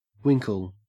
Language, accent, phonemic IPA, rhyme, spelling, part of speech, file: English, Australia, /ˈwɪŋkəl/, -ɪŋkəl, winkle, noun / verb, En-au-winkle.ogg
- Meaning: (noun) A periwinkle or its shell, of family Littorinidae